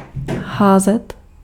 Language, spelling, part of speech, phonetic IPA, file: Czech, házet, verb, [ˈɦaːzɛt], Cs-házet.ogg
- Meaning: to throw, to fling